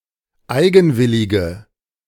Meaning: inflection of eigenwillig: 1. strong/mixed nominative/accusative feminine singular 2. strong nominative/accusative plural 3. weak nominative all-gender singular
- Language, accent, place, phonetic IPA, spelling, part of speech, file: German, Germany, Berlin, [ˈaɪ̯ɡn̩ˌvɪlɪɡə], eigenwillige, adjective, De-eigenwillige.ogg